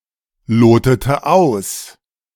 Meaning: inflection of ausloten: 1. first/third-person singular preterite 2. first/third-person singular subjunctive II
- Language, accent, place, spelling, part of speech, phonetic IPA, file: German, Germany, Berlin, lotete aus, verb, [ˌloːtətə ˈaʊ̯s], De-lotete aus.ogg